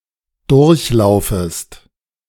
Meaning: second-person singular subjunctive I of durchlaufen
- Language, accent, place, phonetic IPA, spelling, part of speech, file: German, Germany, Berlin, [ˈdʊʁçˌlaʊ̯fəst], durchlaufest, verb, De-durchlaufest.ogg